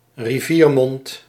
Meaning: mouth of a river
- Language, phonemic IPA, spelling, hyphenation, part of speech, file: Dutch, /riˈviːrˌmɔnt/, riviermond, ri‧vier‧mond, noun, Nl-riviermond.ogg